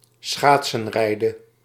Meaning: to ice-skate
- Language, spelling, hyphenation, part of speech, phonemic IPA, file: Dutch, schaatsenrijden, schaat‧sen‧rij‧den, verb, /ˈsxaːt.sə(n)ˌrɛi̯.də(n)/, Nl-schaatsenrijden.ogg